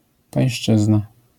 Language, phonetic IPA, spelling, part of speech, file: Polish, [pãj̃ˈʃt͡ʃɨzna], pańszczyzna, noun, LL-Q809 (pol)-pańszczyzna.wav